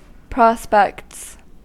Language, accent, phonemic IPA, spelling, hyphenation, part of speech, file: English, US, /ˈpɹɑspɛkts/, prospects, pros‧pects, noun / verb, En-us-prospects.ogg
- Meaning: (noun) plural of prospect; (verb) third-person singular simple present indicative of prospect